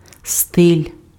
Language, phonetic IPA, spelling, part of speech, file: Ukrainian, [stɪlʲ], стиль, noun, Uk-стиль.ogg
- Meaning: 1. style 2. stylus, style (ancient writing implement consisting of a small rod with a pointed end for scratching letters on wax-covered tablets)